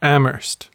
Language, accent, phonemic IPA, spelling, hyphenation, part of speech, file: English, US, /ˈæm.ɝst/, Amherst, Am‧herst, proper noun / noun, En-us-Amherst.ogg
- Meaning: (proper noun) 1. An English surname 2. A number of places in the United States: A census-designated place in Phillips County, Colorado